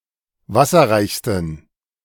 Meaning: 1. superlative degree of wasserreich 2. inflection of wasserreich: strong genitive masculine/neuter singular superlative degree
- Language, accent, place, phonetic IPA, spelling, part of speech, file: German, Germany, Berlin, [ˈvasɐʁaɪ̯çstn̩], wasserreichsten, adjective, De-wasserreichsten.ogg